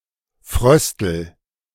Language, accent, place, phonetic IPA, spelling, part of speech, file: German, Germany, Berlin, [ˈfʁœstl̩], fröstel, verb, De-fröstel.ogg
- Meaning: inflection of frösteln: 1. first-person singular present 2. singular imperative